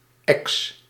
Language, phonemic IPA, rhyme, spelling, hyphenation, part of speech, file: Dutch, /ɛks/, -ɛks, ex, ex, noun, Nl-ex.ogg
- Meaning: ex (former partner)